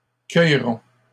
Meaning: first-person plural future of cueillir
- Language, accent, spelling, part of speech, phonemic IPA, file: French, Canada, cueillerons, verb, /kœj.ʁɔ̃/, LL-Q150 (fra)-cueillerons.wav